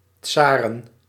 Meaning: plural of tsaar
- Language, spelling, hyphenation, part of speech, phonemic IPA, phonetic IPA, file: Dutch, tsaren, tsa‧ren, noun, /ˈtsaːrə(n)/, [ˈt͡saːrə(n)], Nl-tsaren.ogg